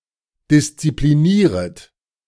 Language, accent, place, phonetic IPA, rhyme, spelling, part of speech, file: German, Germany, Berlin, [dɪst͡sipliˈniːʁət], -iːʁət, disziplinieret, verb, De-disziplinieret.ogg
- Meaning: second-person plural subjunctive I of disziplinieren